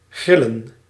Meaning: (verb) to grill; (noun) plural of gril
- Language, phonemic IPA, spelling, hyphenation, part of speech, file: Dutch, /ˈɣrɪ.lə(n)/, grillen, gril‧len, verb / noun, Nl-grillen.ogg